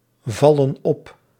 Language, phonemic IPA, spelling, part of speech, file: Dutch, /ˈvɑlə(n) ˈɔp/, vallen op, verb, Nl-vallen op.ogg
- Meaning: 1. to be romantically or sexually attracted to, to fancy 2. inflection of opvallen: plural present indicative 3. inflection of opvallen: plural present subjunctive